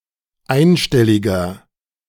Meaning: inflection of einstellig: 1. strong/mixed nominative masculine singular 2. strong genitive/dative feminine singular 3. strong genitive plural
- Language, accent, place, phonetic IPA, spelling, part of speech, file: German, Germany, Berlin, [ˈaɪ̯nˌʃtɛlɪɡɐ], einstelliger, adjective, De-einstelliger.ogg